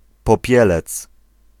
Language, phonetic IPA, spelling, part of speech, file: Polish, [pɔˈpʲjɛlɛt͡s], Popielec, noun, Pl-Popielec.ogg